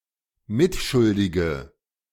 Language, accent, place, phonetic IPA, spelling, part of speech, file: German, Germany, Berlin, [ˈmɪtˌʃʊldɪɡə], mitschuldige, adjective, De-mitschuldige.ogg
- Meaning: inflection of mitschuldig: 1. strong/mixed nominative/accusative feminine singular 2. strong nominative/accusative plural 3. weak nominative all-gender singular